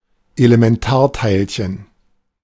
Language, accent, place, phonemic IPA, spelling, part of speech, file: German, Germany, Berlin, /elemɛnˈtaːa̯taɪ̯lɕən/, Elementarteilchen, noun, De-Elementarteilchen.ogg
- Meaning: elementary particle (fundamental particle)